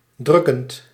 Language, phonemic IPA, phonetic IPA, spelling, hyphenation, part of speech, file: Dutch, /ˈdrʏ.kənt/, [ˈdrʏ.kənt], drukkend, druk‧kend, adjective / verb, Nl-drukkend.ogg
- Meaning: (adjective) oppressive; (verb) present participle of drukken